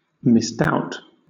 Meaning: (verb) 1. To doubt the existence or reality of 2. To have suspicions about; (noun) suspicion; hesitation
- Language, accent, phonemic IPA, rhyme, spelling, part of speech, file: English, Southern England, /mɪsˈdaʊt/, -aʊt, misdoubt, verb / noun, LL-Q1860 (eng)-misdoubt.wav